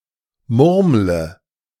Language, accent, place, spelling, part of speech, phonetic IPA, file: German, Germany, Berlin, murmle, verb, [ˈmʊʁmlə], De-murmle.ogg
- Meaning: inflection of murmeln: 1. first-person singular present 2. singular imperative 3. first/third-person singular subjunctive I